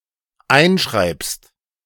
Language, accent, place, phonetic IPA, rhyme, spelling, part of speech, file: German, Germany, Berlin, [ˈaɪ̯nˌʃʁaɪ̯pst], -aɪ̯nʃʁaɪ̯pst, einschreibst, verb, De-einschreibst.ogg
- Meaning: second-person singular dependent present of einschreiben